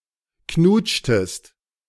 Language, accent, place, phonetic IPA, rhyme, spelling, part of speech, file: German, Germany, Berlin, [ˈknuːt͡ʃtəst], -uːt͡ʃtəst, knutschtest, verb, De-knutschtest.ogg
- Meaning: inflection of knutschen: 1. second-person singular preterite 2. second-person singular subjunctive II